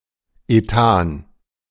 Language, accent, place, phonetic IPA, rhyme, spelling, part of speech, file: German, Germany, Berlin, [eˈtaːn], -aːn, Ethan, noun, De-Ethan.ogg
- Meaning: ethane (aliphatic hydrocarbon, C₂H₆)